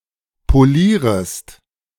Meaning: second-person singular subjunctive I of polieren
- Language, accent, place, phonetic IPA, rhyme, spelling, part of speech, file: German, Germany, Berlin, [poˈliːʁəst], -iːʁəst, polierest, verb, De-polierest.ogg